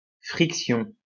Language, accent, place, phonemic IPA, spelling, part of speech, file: French, France, Lyon, /fʁik.sjɔ̃/, friction, noun, LL-Q150 (fra)-friction.wav
- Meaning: friction: the rubbing, the conflict or the physics force